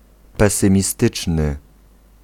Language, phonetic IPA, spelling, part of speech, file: Polish, [ˌpɛsɨ̃mʲiˈstɨt͡ʃnɨ], pesymistyczny, adjective, Pl-pesymistyczny.ogg